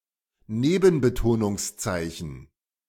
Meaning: secondary stress, secondary accent (a mark)
- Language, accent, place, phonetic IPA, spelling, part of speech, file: German, Germany, Berlin, [ˈneːbn̩bətoːnʊŋsˌt͡saɪ̯çn̩], Nebenbetonungszeichen, noun, De-Nebenbetonungszeichen.ogg